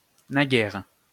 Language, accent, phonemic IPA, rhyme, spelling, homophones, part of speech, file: French, France, /na.ɡɛʁ/, -ɛʁ, naguère, naguères, adverb, LL-Q150 (fra)-naguère.wav
- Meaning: 1. recently, not long ago 2. long ago, formerly